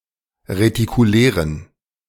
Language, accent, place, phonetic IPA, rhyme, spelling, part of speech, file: German, Germany, Berlin, [ʁetikuˈlɛːʁən], -ɛːʁən, retikulären, adjective, De-retikulären.ogg
- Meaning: inflection of retikulär: 1. strong genitive masculine/neuter singular 2. weak/mixed genitive/dative all-gender singular 3. strong/weak/mixed accusative masculine singular 4. strong dative plural